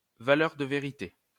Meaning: truth value (value indicating to what extent a statement is true)
- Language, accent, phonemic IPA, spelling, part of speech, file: French, France, /va.lœʁ də ve.ʁi.te/, valeur de vérité, noun, LL-Q150 (fra)-valeur de vérité.wav